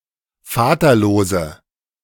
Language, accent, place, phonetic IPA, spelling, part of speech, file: German, Germany, Berlin, [ˈfaːtɐˌloːzə], vaterlose, adjective, De-vaterlose.ogg
- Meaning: inflection of vaterlos: 1. strong/mixed nominative/accusative feminine singular 2. strong nominative/accusative plural 3. weak nominative all-gender singular